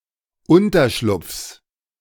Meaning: genitive singular of Unterschlupf
- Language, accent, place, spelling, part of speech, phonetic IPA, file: German, Germany, Berlin, Unterschlupfs, noun, [ˈʊntɐˌʃlʊp͡fs], De-Unterschlupfs.ogg